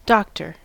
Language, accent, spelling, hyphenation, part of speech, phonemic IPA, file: English, US, doctor, doc‧tor, noun / verb, /ˈdɑktɚ/, En-us-doctor.ogg